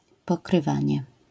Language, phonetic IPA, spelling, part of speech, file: Polish, [ˌpɔkrɨˈvãɲɛ], pokrywanie, noun, LL-Q809 (pol)-pokrywanie.wav